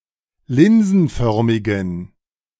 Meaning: inflection of linsenförmig: 1. strong genitive masculine/neuter singular 2. weak/mixed genitive/dative all-gender singular 3. strong/weak/mixed accusative masculine singular 4. strong dative plural
- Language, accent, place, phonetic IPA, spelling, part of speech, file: German, Germany, Berlin, [ˈlɪnzn̩ˌfœʁmɪɡn̩], linsenförmigen, adjective, De-linsenförmigen.ogg